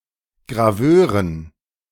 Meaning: dative plural of Graveur
- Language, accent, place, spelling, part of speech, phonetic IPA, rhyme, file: German, Germany, Berlin, Graveuren, noun, [ɡʁaˈvøːʁən], -øːʁən, De-Graveuren.ogg